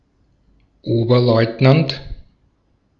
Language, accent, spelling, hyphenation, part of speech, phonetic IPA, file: German, Austria, Oberleutnant, Ober‧leut‧nant, noun, [ˈoːbɐˌlɔɪ̯tnant], De-at-Oberleutnant.ogg
- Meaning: first lieutenant